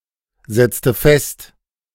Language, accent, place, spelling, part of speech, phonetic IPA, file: German, Germany, Berlin, setzte fest, verb, [ˌzɛt͡stə ˈfɛst], De-setzte fest.ogg
- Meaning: inflection of festsetzen: 1. first/third-person singular preterite 2. first/third-person singular subjunctive II